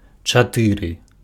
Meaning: four (4)
- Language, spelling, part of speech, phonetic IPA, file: Belarusian, чатыры, numeral, [t͡ʂaˈtɨrɨ], Be-чатыры.ogg